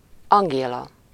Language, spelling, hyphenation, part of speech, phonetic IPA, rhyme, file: Hungarian, Angéla, An‧gé‧la, proper noun, [ˈɒŋɡeːlɒ], -lɒ, Hu-Angéla.ogg
- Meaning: a female given name, equivalent to English Angela